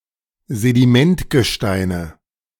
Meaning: nominative/accusative/genitive plural of Sedimentgestein
- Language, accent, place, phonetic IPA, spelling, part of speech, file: German, Germany, Berlin, [zediˈmɛntɡəˌʃtaɪ̯nə], Sedimentgesteine, noun, De-Sedimentgesteine.ogg